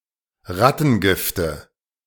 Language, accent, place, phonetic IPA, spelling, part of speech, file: German, Germany, Berlin, [ˈʁatn̩ˌɡɪftə], Rattengifte, noun, De-Rattengifte.ogg
- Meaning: nominative/accusative/genitive plural of Rattengift